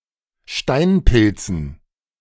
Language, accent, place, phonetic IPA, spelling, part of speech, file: German, Germany, Berlin, [ˈʃtaɪ̯nˌpɪlt͡sn̩], Steinpilzen, noun, De-Steinpilzen.ogg
- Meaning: dative plural of Steinpilz